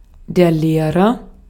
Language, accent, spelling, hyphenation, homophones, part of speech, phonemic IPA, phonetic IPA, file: German, Austria, Lehrer, Leh‧rer, leerer, noun, /ˈleːrər/, [ˈleːʁɐ], De-at-Lehrer.ogg
- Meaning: agent noun of lehren: one who teaches, teacher, instructor, especially a school teacher